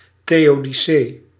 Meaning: theodicy
- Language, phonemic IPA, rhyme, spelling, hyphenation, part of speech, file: Dutch, /ˌteː.oː.diˈseː/, -eː, theodicee, theo‧di‧cee, noun, Nl-theodicee.ogg